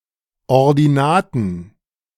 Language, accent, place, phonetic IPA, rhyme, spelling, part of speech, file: German, Germany, Berlin, [ɔʁdiˈnaːtn̩], -aːtn̩, Ordinaten, noun, De-Ordinaten.ogg
- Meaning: plural of Ordinate